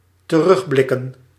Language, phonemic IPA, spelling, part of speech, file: Dutch, /t(ə)ˈrʏɣblɪkə(n)/, terugblikken, verb / noun, Nl-terugblikken.ogg
- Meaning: plural of terugblik